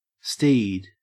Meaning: 1. A stallion, especially one used for riding 2. A bicycle or other vehicle
- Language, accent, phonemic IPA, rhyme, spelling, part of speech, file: English, Australia, /stiːd/, -iːd, steed, noun, En-au-steed.ogg